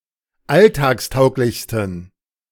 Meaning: 1. superlative degree of alltagstauglich 2. inflection of alltagstauglich: strong genitive masculine/neuter singular superlative degree
- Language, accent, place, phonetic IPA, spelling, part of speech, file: German, Germany, Berlin, [ˈaltaːksˌtaʊ̯klɪçstn̩], alltagstauglichsten, adjective, De-alltagstauglichsten.ogg